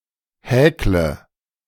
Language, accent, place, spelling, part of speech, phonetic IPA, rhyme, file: German, Germany, Berlin, häkle, verb, [ˈhɛːklə], -ɛːklə, De-häkle.ogg
- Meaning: inflection of häkeln: 1. first-person singular present 2. singular imperative 3. first/third-person singular subjunctive I